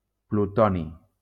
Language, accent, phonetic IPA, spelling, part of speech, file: Catalan, Valencia, [pluˈtɔ.ni], plutoni, noun, LL-Q7026 (cat)-plutoni.wav
- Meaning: plutonium